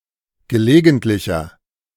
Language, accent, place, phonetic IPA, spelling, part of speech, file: German, Germany, Berlin, [ɡəˈleːɡn̩tlɪçɐ], gelegentlicher, adjective, De-gelegentlicher.ogg
- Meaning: inflection of gelegentlich: 1. strong/mixed nominative masculine singular 2. strong genitive/dative feminine singular 3. strong genitive plural